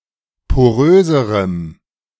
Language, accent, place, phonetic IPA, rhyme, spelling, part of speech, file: German, Germany, Berlin, [poˈʁøːzəʁəm], -øːzəʁəm, poröserem, adjective, De-poröserem.ogg
- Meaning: strong dative masculine/neuter singular comparative degree of porös